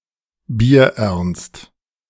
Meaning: very serious; deadly
- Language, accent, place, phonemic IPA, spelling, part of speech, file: German, Germany, Berlin, /biːɐ̯ˈʔɛʁnst/, bierernst, adjective, De-bierernst.ogg